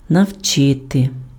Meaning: to teach, to instruct
- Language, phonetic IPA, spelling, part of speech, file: Ukrainian, [nɐu̯ˈt͡ʃɪte], навчити, verb, Uk-навчити.ogg